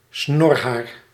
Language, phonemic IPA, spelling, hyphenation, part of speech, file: Dutch, /ˈsnɔr.ɦaːr/, snorhaar, snor‧haar, noun, Nl-snorhaar.ogg
- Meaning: 1. a whisker of certain non-human mammals, such as those of cats and rodents 2. a moustache hair; (uncountable) moustache hair